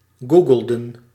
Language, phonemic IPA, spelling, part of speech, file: Dutch, /ˈɡu.ɡəl.də(n)/, googelden, verb, Nl-googelden.ogg
- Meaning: inflection of googelen: 1. plural past indicative 2. plural past subjunctive